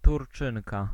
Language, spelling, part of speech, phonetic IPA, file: Polish, Turczynka, noun, [turˈt͡ʃɨ̃ŋka], Pl-Turczynka.ogg